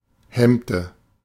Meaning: inflection of hemmen: 1. first/third-person singular preterite 2. first/third-person singular subjunctive II
- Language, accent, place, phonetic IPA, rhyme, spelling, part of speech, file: German, Germany, Berlin, [ˈhɛmtə], -ɛmtə, hemmte, verb, De-hemmte.ogg